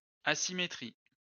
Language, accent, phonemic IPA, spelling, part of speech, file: French, France, /a.si.me.tʁi/, asymétrie, noun, LL-Q150 (fra)-asymétrie.wav
- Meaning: asymmetry